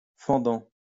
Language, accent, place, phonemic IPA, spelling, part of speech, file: French, France, Lyon, /fɑ̃.dɑ̃/, fendant, verb / adjective, LL-Q150 (fra)-fendant.wav
- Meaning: present participle of fendre